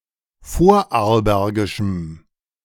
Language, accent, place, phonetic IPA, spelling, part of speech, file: German, Germany, Berlin, [ˈfoːɐ̯ʔaʁlˌbɛʁɡɪʃm̩], vorarlbergischem, adjective, De-vorarlbergischem.ogg
- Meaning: strong dative masculine/neuter singular of vorarlbergisch